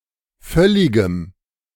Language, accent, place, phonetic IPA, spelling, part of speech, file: German, Germany, Berlin, [ˈfœlɪɡəm], völligem, adjective, De-völligem.ogg
- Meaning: strong dative masculine/neuter singular of völlig